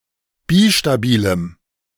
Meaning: strong dative masculine/neuter singular of bistabil
- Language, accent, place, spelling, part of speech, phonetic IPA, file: German, Germany, Berlin, bistabilem, adjective, [ˈbiʃtaˌbiːləm], De-bistabilem.ogg